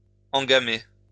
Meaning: to swallow the hook along with the bait
- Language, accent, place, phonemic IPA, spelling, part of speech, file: French, France, Lyon, /ɑ̃.ɡa.me/, engamer, verb, LL-Q150 (fra)-engamer.wav